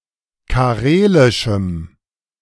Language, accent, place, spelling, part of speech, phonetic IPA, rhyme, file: German, Germany, Berlin, karelischem, adjective, [kaˈʁeːlɪʃm̩], -eːlɪʃm̩, De-karelischem.ogg
- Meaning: strong dative masculine/neuter singular of karelisch